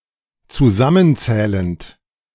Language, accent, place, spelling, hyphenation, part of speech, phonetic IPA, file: German, Germany, Berlin, zusammenzählend, zu‧sam‧men‧zäh‧lend, verb, [ t͡suˈzamənˌt͡sɛːlənt], De-zusammenzählend.ogg
- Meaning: present participle of zusammenzählen